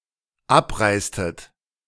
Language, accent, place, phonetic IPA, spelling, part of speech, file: German, Germany, Berlin, [ˈapˌʁaɪ̯stət], abreistet, verb, De-abreistet.ogg
- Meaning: inflection of abreisen: 1. second-person plural dependent preterite 2. second-person plural dependent subjunctive II